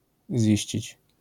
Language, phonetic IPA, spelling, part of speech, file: Polish, [ˈzʲiɕt͡ɕit͡ɕ], ziścić, verb, LL-Q809 (pol)-ziścić.wav